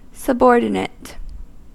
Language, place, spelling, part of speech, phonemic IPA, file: English, California, subordinate, verb, /səˈbɔɹdɪneɪt/, En-us-subordinate.ogg
- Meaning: To make subservient or secondary.: 1. To embed (a clause) into another clause that is the main one 2. To make of lower priority in order of payment in bankruptcy